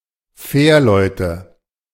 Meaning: nominative/accusative/genitive plural of Fährmann
- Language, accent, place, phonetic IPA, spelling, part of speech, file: German, Germany, Berlin, [ˈfɛːɐ̯ˌlɔɪ̯tə], Fährleute, noun, De-Fährleute.ogg